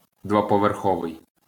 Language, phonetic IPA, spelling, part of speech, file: Ukrainian, [dwɔpɔʋerˈxɔʋei̯], двоповерховий, adjective, LL-Q8798 (ukr)-двоповерховий.wav
- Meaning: 1. two-storey 2. double-decker